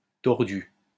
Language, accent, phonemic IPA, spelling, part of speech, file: French, France, /tɔʁ.dy/, tordu, adjective / verb, LL-Q150 (fra)-tordu.wav
- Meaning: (adjective) 1. crooked, twisted 2. twisted, evil, underhand; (verb) past participle of tordre